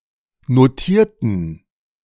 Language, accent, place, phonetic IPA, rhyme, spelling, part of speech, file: German, Germany, Berlin, [noˈtiːɐ̯tn̩], -iːɐ̯tn̩, notierten, adjective / verb, De-notierten.ogg
- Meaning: inflection of notiert: 1. strong genitive masculine/neuter singular 2. weak/mixed genitive/dative all-gender singular 3. strong/weak/mixed accusative masculine singular 4. strong dative plural